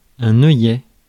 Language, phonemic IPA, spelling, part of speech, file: French, /œ.jɛ/, œillet, noun, Fr-œillet.ogg
- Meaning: 1. eye (of a needle) 2. pink, carnation 3. buttonhole 4. eyelet (in shoe etc.); hole (in belt) 5. grommet 6. cringle